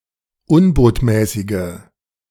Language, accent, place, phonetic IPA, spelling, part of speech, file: German, Germany, Berlin, [ˈʊnboːtmɛːsɪɡə], unbotmäßige, adjective, De-unbotmäßige.ogg
- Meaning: inflection of unbotmäßig: 1. strong/mixed nominative/accusative feminine singular 2. strong nominative/accusative plural 3. weak nominative all-gender singular